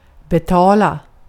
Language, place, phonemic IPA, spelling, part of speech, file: Swedish, Gotland, /bɛˈtɑːla/, betala, verb, Sv-betala.ogg
- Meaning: 1. to pay; to give money in exchange for goods or services 2. to pay; to be profitable 3. to pay; to be the subject of revenge